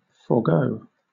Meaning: 1. To precede, to go before 2. Alternative spelling of forgo; to abandon, to relinquish
- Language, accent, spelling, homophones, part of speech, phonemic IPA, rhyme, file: English, Southern England, forego, forgo, verb, /fɔːˈɡəʊ/, -əʊ, LL-Q1860 (eng)-forego.wav